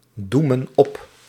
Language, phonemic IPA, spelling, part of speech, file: Dutch, /ˈdumə(n) ˈɔp/, doemen op, verb, Nl-doemen op.ogg
- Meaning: inflection of opdoemen: 1. plural present indicative 2. plural present subjunctive